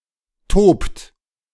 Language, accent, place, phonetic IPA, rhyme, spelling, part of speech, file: German, Germany, Berlin, [toːpt], -oːpt, tobt, verb, De-tobt.ogg
- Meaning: inflection of toben: 1. third-person singular present 2. second-person plural present 3. plural imperative